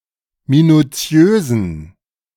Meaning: inflection of minutiös: 1. strong genitive masculine/neuter singular 2. weak/mixed genitive/dative all-gender singular 3. strong/weak/mixed accusative masculine singular 4. strong dative plural
- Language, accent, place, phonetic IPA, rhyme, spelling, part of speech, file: German, Germany, Berlin, [minuˈt͡si̯øːzn̩], -øːzn̩, minutiösen, adjective, De-minutiösen.ogg